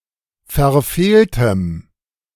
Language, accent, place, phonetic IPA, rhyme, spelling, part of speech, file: German, Germany, Berlin, [fɛɐ̯ˈfeːltəm], -eːltəm, verfehltem, adjective, De-verfehltem.ogg
- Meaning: strong dative masculine/neuter singular of verfehlt